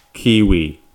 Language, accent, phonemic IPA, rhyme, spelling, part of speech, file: English, US, /ˈkiːwi/, -iːwi, Kiwi, noun / adjective / proper noun, En-us-Kiwi.ogg
- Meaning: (noun) A New Zealander; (adjective) Of or from New Zealand; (proper noun) A rural locality in Tasman district, New Zealand